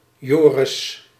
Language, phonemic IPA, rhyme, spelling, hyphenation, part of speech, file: Dutch, /ˈjoː.rɪs/, -oːrɪs, Joris, Jo‧ris, proper noun, Nl-Joris.ogg
- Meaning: 1. a male given name, equivalent to English George 2. a surname